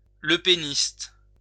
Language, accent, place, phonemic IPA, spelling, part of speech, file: French, France, Lyon, /lə.pe.nist/, lepéniste, noun, LL-Q150 (fra)-lepéniste.wav
- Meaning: a follower of Jean-Marie Le Pen or Marine Le Pen